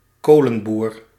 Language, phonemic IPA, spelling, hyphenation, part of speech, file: Dutch, /ˈkoː.lə(n)ˌbuːr/, kolenboer, kolen‧boer, noun, Nl-kolenboer.ogg
- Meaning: coalman (salesman or delivery man in coal)